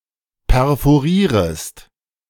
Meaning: second-person singular subjunctive I of perforieren
- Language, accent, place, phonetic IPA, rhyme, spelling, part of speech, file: German, Germany, Berlin, [pɛʁfoˈʁiːʁəst], -iːʁəst, perforierest, verb, De-perforierest.ogg